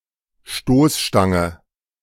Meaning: bumper (of vehicle)
- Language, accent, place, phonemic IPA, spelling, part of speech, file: German, Germany, Berlin, /ˈʃtoːsˌʃtaŋə/, Stoßstange, noun, De-Stoßstange.ogg